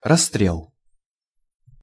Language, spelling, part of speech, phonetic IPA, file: Russian, расстрел, noun, [rɐs(ː)ˈtrʲeɫ], Ru-расстрел.ogg
- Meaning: 1. shooting, execution (by a firing squad) 2. shooting down, fusillade